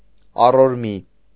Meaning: log or wooden structure that supports the wall or the ceiling of a house
- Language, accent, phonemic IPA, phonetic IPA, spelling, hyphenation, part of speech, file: Armenian, Eastern Armenian, /ɑroɾˈmi/, [ɑroɾmí], առորմի, ա‧ռոր‧մի, noun, Hy-առորմի.ogg